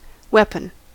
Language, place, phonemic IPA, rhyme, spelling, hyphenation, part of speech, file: English, California, /ˈwɛp.ən/, -ɛpən, weapon, weap‧on, noun / verb, En-us-weapon.ogg
- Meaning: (noun) 1. An instrument of attack or defense in combat or hunting, e.g. most guns, missiles, or swords 2. An instrument or other means of harming or exerting control over another 3. A tool of any kind